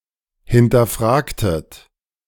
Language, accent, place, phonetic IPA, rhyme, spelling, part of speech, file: German, Germany, Berlin, [hɪntɐˈfʁaːktət], -aːktət, hinterfragtet, verb, De-hinterfragtet.ogg
- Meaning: inflection of hinterfragen: 1. second-person plural preterite 2. second-person plural subjunctive II